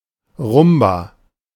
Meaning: rumba (Latin-American dance)
- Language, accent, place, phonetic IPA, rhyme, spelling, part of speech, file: German, Germany, Berlin, [ˈʁʊmba], -ʊmba, Rumba, noun, De-Rumba.ogg